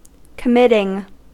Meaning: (verb) present participle and gerund of commit; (noun) The act by which something is committed
- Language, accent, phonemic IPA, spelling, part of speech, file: English, US, /kəˈmɪtɪŋ/, committing, verb / noun, En-us-committing.ogg